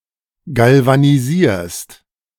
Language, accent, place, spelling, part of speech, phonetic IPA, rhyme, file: German, Germany, Berlin, galvanisierst, verb, [ˌɡalvaniˈziːɐ̯st], -iːɐ̯st, De-galvanisierst.ogg
- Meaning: second-person singular present of galvanisieren